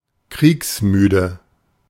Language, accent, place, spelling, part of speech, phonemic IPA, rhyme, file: German, Germany, Berlin, kriegsmüde, adjective, /ˈkʁiːksˌmyːdə/, -yːdə, De-kriegsmüde.ogg
- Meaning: war-weary